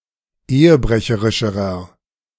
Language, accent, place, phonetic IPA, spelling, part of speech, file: German, Germany, Berlin, [ˈeːəˌbʁɛçəʁɪʃəʁɐ], ehebrecherischerer, adjective, De-ehebrecherischerer.ogg
- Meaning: inflection of ehebrecherisch: 1. strong/mixed nominative masculine singular comparative degree 2. strong genitive/dative feminine singular comparative degree